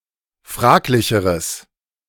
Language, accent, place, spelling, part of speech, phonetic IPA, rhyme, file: German, Germany, Berlin, fraglicheres, adjective, [ˈfʁaːklɪçəʁəs], -aːklɪçəʁəs, De-fraglicheres.ogg
- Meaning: strong/mixed nominative/accusative neuter singular comparative degree of fraglich